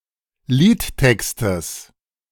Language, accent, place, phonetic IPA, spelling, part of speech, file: German, Germany, Berlin, [ˈliːtˌtɛkstəs], Liedtextes, noun, De-Liedtextes.ogg
- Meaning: genitive singular of Liedtext